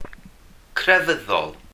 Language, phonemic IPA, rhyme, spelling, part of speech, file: Welsh, /krɛˈvəðɔl/, -əðɔl, crefyddol, adjective / noun, Cy-crefyddol.ogg
- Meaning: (adjective) 1. religious, devout 2. monastic; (noun) religious (monk or nun)